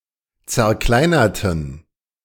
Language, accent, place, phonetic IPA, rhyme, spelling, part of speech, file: German, Germany, Berlin, [t͡sɛɐ̯ˈklaɪ̯nɐtn̩], -aɪ̯nɐtn̩, zerkleinerten, adjective / verb, De-zerkleinerten.ogg
- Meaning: inflection of zerkleinert: 1. strong genitive masculine/neuter singular 2. weak/mixed genitive/dative all-gender singular 3. strong/weak/mixed accusative masculine singular 4. strong dative plural